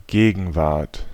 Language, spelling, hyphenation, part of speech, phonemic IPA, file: German, Gegenwart, Ge‧gen‧wart, noun, /ˈɡeːɡn̩ˌvaʁt/, De-Gegenwart.ogg
- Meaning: 1. the present 2. presence (of someone/something)